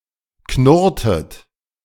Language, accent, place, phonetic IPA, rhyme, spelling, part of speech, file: German, Germany, Berlin, [ˈknʊʁtət], -ʊʁtət, knurrtet, verb, De-knurrtet.ogg
- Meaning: inflection of knurren: 1. second-person plural preterite 2. second-person plural subjunctive II